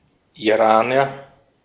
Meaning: Iranian (person from Iran or of Iranian descent)
- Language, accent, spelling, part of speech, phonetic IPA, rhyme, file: German, Austria, Iraner, noun, [iˈʁaːnɐ], -aːnɐ, De-at-Iraner.ogg